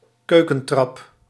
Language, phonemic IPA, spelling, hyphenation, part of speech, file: Dutch, /ˈkøː.kə(n)ˌtrɑp/, keukentrap, keu‧ken‧trap, noun, Nl-keukentrap.ogg
- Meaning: a small stepladder